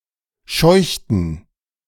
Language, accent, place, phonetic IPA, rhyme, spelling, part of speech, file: German, Germany, Berlin, [ˈʃɔɪ̯çtn̩], -ɔɪ̯çtn̩, scheuchten, verb, De-scheuchten.ogg
- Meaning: inflection of scheuchen: 1. first/third-person plural preterite 2. first/third-person plural subjunctive II